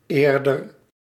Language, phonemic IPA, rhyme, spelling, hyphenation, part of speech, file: Dutch, /ˈeːr.dər/, -eːrdər, eerder, eer‧der, adjective / adverb / noun, Nl-eerder.ogg
- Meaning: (adjective) 1. earlier, former 2. previous, prior; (adverb) 1. earlier 2. before, previously 3. more, rather; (noun) 1. one who pays honor 2. plower, plowman or plowboy